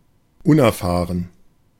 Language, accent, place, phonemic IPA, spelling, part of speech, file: German, Germany, Berlin, /ˈʊn.ɛrˌfaːrən/, unerfahren, adjective, De-unerfahren.ogg
- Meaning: inexperienced, green